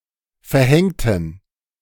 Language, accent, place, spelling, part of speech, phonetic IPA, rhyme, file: German, Germany, Berlin, verhängten, adjective / verb, [fɛɐ̯ˈhɛŋtn̩], -ɛŋtn̩, De-verhängten.ogg
- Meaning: inflection of verhängen: 1. first/third-person plural preterite 2. first/third-person plural subjunctive II